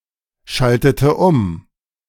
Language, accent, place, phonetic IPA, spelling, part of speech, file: German, Germany, Berlin, [ˌʃaltətə ˈʊm], schaltete um, verb, De-schaltete um.ogg
- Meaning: inflection of umschalten: 1. first/third-person singular preterite 2. first/third-person singular subjunctive II